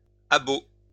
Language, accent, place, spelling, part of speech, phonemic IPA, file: French, France, Lyon, abot, noun, /a.bo/, LL-Q150 (fra)-abot.wav
- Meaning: a horse hobble